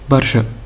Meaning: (adverb) 1. very 2. too much 3. often; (determiner) a lot of; much; many
- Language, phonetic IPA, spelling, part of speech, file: Tunisian Arabic, [bɐr.ʃə], برشا, adverb / determiner, Ar-tn-barcha.ogg